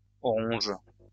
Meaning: agaric (a type of fungus)
- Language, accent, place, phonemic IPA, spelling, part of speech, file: French, France, Lyon, /ɔ.ʁɔ̃ʒ/, oronge, noun, LL-Q150 (fra)-oronge.wav